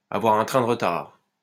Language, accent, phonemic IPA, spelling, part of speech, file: French, France, /a.vwaʁ œ̃ tʁɛ̃ də ʁ(ə).taʁ/, avoir un train de retard, verb, LL-Q150 (fra)-avoir un train de retard.wav
- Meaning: to be slow to catch on, to lag behind